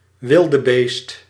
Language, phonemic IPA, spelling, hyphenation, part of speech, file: Dutch, /ˈʋɪl.dəˌbeːst/, wildebeest, wil‧de‧beest, noun, Nl-wildebeest.ogg
- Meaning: gnu, wildebeest